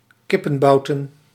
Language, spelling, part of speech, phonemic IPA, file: Dutch, kippenbouten, noun, /ˈkɪpə(n)ˌbɑutə(n)/, Nl-kippenbouten.ogg
- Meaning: plural of kippenbout